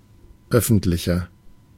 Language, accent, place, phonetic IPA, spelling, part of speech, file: German, Germany, Berlin, [ˈœfn̩tlɪçɐ], öffentlicher, adjective, De-öffentlicher.ogg
- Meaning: 1. comparative degree of öffentlich 2. inflection of öffentlich: strong/mixed nominative masculine singular 3. inflection of öffentlich: strong genitive/dative feminine singular